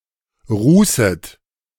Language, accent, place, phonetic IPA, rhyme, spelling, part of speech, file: German, Germany, Berlin, [ˈʁuːsət], -uːsət, rußet, verb, De-rußet.ogg
- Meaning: second-person plural subjunctive I of rußen